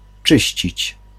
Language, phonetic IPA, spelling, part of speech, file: Polish, [ˈt͡ʃɨɕt͡ɕit͡ɕ], czyścić, verb, Pl-czyścić.ogg